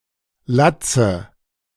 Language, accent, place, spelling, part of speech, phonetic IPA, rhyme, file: German, Germany, Berlin, Latze, noun, [ˈlat͡sə], -at͡sə, De-Latze.ogg
- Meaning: dative singular of Latz